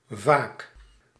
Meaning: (adverb) often; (adjective) frequent, regular; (noun) sleepiness
- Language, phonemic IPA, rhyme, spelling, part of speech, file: Dutch, /vaːk/, -aːk, vaak, adverb / adjective / noun, Nl-vaak.ogg